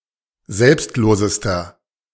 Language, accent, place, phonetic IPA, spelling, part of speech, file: German, Germany, Berlin, [ˈzɛlpstˌloːzəstɐ], selbstlosester, adjective, De-selbstlosester.ogg
- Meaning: inflection of selbstlos: 1. strong/mixed nominative masculine singular superlative degree 2. strong genitive/dative feminine singular superlative degree 3. strong genitive plural superlative degree